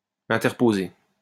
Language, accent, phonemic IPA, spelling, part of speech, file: French, France, /ɛ̃.tɛʁ.po.ze/, interposé, verb, LL-Q150 (fra)-interposé.wav
- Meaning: past participle of interposer